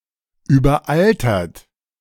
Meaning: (verb) past participle of überaltern; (adjective) 1. having an excessive proportion of older individuals 2. antiquated, outdated
- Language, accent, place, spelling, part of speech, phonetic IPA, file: German, Germany, Berlin, überaltert, adjective / verb, [yːbɐˈʔaltɐt], De-überaltert.ogg